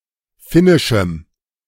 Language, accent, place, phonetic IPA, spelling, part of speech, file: German, Germany, Berlin, [ˈfɪnɪʃm̩], finnischem, adjective, De-finnischem.ogg
- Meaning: strong dative masculine/neuter singular of finnisch